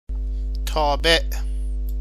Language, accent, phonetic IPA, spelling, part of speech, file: Persian, Iran, [t̪ʰɒː.béʔ], تابع, noun, Fa-تابع.ogg
- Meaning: 1. follower, dependent 2. citizen 3. function